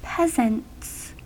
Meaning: plural of peasant
- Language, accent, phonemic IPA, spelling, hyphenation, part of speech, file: English, US, /ˈpɛzənts/, peasants, peas‧ants, noun, En-us-peasants.ogg